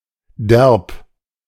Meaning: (adjective) 1. rough, coarse, rude 2. sturdy, tough 3. pertaining to a manner of intercourse that is wittingly aggressive, purposefully unrefined – cocky, cheeky, flippant, brazen 4. cool, very good
- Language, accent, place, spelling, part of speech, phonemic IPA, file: German, Germany, Berlin, derb, adjective / adverb, /dɛʁp/, De-derb.ogg